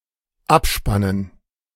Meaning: to wind down
- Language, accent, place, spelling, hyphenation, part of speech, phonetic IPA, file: German, Germany, Berlin, abspannen, ab‧span‧nen, verb, [ˈapˌʃpanən], De-abspannen.ogg